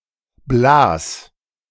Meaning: 1. singular imperative of blasen 2. first-person singular present of blasen
- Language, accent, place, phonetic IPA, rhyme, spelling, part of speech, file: German, Germany, Berlin, [blaːs], -aːs, blas, verb, De-blas.ogg